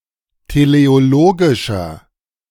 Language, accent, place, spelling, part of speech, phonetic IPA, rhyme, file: German, Germany, Berlin, teleologischer, adjective, [teleoˈloːɡɪʃɐ], -oːɡɪʃɐ, De-teleologischer.ogg
- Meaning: inflection of teleologisch: 1. strong/mixed nominative masculine singular 2. strong genitive/dative feminine singular 3. strong genitive plural